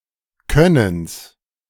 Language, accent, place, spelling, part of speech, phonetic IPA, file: German, Germany, Berlin, Könnens, noun, [ˈkœnəns], De-Könnens.ogg
- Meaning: genitive singular of Können